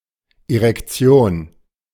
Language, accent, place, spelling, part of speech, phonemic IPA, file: German, Germany, Berlin, Erektion, noun, /eʁɛkˈtsjoːn/, De-Erektion.ogg
- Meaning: erection (rigid penis)